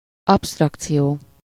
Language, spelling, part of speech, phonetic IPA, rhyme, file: Hungarian, absztrakció, noun, [ˈɒpstrɒkt͡sijoː], -joː, Hu-absztrakció.ogg
- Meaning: 1. abstraction (an abstract quality) 2. abstraction (the act of generalizing characteristics) 3. abstraction (an abstract concept or term)